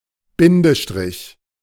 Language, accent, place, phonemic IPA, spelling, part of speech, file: German, Germany, Berlin, /ˈbɪndəʃtʁɪç/, Bindestrich, noun, De-Bindestrich.ogg
- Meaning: hyphen (symbol used to join words or to indicate a word has been split)